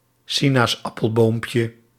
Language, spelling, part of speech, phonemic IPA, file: Dutch, sinaasappelboompje, noun, /ˈsinasˌɑpəlˌbompjə/, Nl-sinaasappelboompje.ogg
- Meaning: diminutive of sinaasappelboom